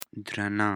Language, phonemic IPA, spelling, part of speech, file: Pashto, /d̪rəna/, درنه, adjective, درنه.ogg
- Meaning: 1. heavy 2. honorable 3. haunted